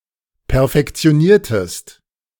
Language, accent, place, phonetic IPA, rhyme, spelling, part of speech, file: German, Germany, Berlin, [pɛɐ̯fɛkt͡si̯oˈniːɐ̯təst], -iːɐ̯təst, perfektioniertest, verb, De-perfektioniertest.ogg
- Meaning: inflection of perfektionieren: 1. second-person singular preterite 2. second-person singular subjunctive II